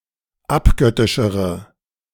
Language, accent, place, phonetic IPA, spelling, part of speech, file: German, Germany, Berlin, [ˈapˌɡœtɪʃəʁə], abgöttischere, adjective, De-abgöttischere.ogg
- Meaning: inflection of abgöttisch: 1. strong/mixed nominative/accusative feminine singular comparative degree 2. strong nominative/accusative plural comparative degree